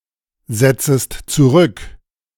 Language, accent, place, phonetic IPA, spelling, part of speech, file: German, Germany, Berlin, [ˌzɛt͡səst t͡suˈʁʏk], setzest zurück, verb, De-setzest zurück.ogg
- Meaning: second-person singular subjunctive I of zurücksetzen